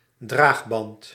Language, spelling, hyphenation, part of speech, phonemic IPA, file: Dutch, draagband, draag‧band, noun, /ˈdraːx.bɑnt/, Nl-draagband.ogg
- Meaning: carrying strap, shoulder strap